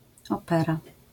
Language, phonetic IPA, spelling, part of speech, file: Polish, [ˈɔpɛra], opera, noun, LL-Q809 (pol)-opera.wav